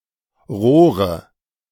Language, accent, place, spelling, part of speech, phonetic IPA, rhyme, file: German, Germany, Berlin, Rohre, noun, [ˈʁoːʁə], -oːʁə, De-Rohre.ogg
- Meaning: nominative/accusative/genitive plural of Rohr